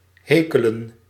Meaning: 1. to heckle, to comb with a hackle (heckling comb) 2. to denounce, criticize (publicly) 3. to satirise, to lampoon
- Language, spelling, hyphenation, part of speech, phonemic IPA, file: Dutch, hekelen, he‧ke‧len, verb, /ˈɦeː.kə.lə(n)/, Nl-hekelen.ogg